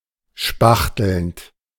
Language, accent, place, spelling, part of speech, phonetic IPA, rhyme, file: German, Germany, Berlin, spachtelnd, verb, [ˈʃpaxtl̩nt], -axtl̩nt, De-spachtelnd.ogg
- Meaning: present participle of spachteln